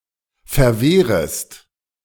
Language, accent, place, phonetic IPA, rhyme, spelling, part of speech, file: German, Germany, Berlin, [fɛɐ̯ˈveːʁəst], -eːʁəst, verwehrest, verb, De-verwehrest.ogg
- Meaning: second-person singular subjunctive I of verwehren